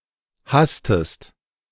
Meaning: inflection of hasten: 1. second-person singular present 2. second-person singular subjunctive I
- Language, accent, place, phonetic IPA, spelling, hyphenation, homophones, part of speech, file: German, Germany, Berlin, [ˈhastəst], hastest, has‧test, hasstest, verb, De-hastest.ogg